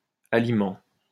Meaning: plural of aliment
- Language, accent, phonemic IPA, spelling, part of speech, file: French, France, /a.li.mɑ̃/, aliments, noun, LL-Q150 (fra)-aliments.wav